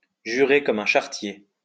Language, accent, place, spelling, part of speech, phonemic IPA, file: French, France, Lyon, jurer comme un charretier, verb, /ʒy.ʁe kɔ.m‿œ̃ ʃa.ʁə.tje/, LL-Q150 (fra)-jurer comme un charretier.wav
- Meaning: to swear like a trooper, to swear like a sailor, to swear a blue streak